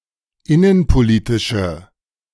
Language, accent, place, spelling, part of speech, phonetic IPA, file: German, Germany, Berlin, innenpolitische, adjective, [ˈɪnənpoˌliːtɪʃə], De-innenpolitische.ogg
- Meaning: inflection of innenpolitisch: 1. strong/mixed nominative/accusative feminine singular 2. strong nominative/accusative plural 3. weak nominative all-gender singular